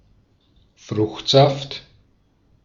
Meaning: fruit juice
- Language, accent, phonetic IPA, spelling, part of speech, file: German, Austria, [ˈfʁʊxtˌzaft], Fruchtsaft, noun, De-at-Fruchtsaft.ogg